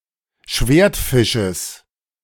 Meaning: genitive singular of Schwertfisch
- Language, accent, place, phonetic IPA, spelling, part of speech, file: German, Germany, Berlin, [ˈʃveːɐ̯tˌfɪʃəs], Schwertfisches, noun, De-Schwertfisches.ogg